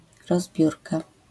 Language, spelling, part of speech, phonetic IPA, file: Polish, rozbiórka, noun, [rɔzˈbʲjurka], LL-Q809 (pol)-rozbiórka.wav